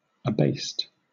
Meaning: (adjective) 1. Humbled; lowered, especially in rank, position, or prestige 2. Synonym of abaissé; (verb) simple past and past participle of abase
- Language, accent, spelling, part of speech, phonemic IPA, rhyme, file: English, Southern England, abased, adjective / verb, /əˈbeɪst/, -eɪst, LL-Q1860 (eng)-abased.wav